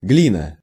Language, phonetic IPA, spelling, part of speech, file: Russian, [ˈɡlʲinə], глина, noun, Ru-глина.ogg
- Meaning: clay